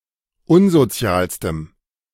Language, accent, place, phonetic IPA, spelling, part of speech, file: German, Germany, Berlin, [ˈʊnzoˌt͡si̯aːlstəm], unsozialstem, adjective, De-unsozialstem.ogg
- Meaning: strong dative masculine/neuter singular superlative degree of unsozial